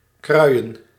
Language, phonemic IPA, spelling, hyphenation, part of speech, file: Dutch, /ˈkrœy̯ə(n)/, kruien, krui‧en, verb, Nl-kruien.ogg
- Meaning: 1. to form or have formed an ice shove or ice jam 2. to rotate the movable parts of a windmill, e.g. to orient the sweeps to face the wind 3. to transport in a wheelbarrow 4. to push or carry forward